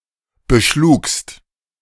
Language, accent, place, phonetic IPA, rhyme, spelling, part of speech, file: German, Germany, Berlin, [bəˈʃluːkst], -uːkst, beschlugst, verb, De-beschlugst.ogg
- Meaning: second-person singular preterite of beschlagen